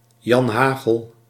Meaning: the common man: 1. Joe Average; Tom, Dick and Harry 2. the mob, rabble; especially sailors 3. the criminal underworld
- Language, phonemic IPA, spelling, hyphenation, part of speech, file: Dutch, /jɑnˈhaɣəl/, janhagel, jan‧ha‧gel, noun, Nl-janhagel.ogg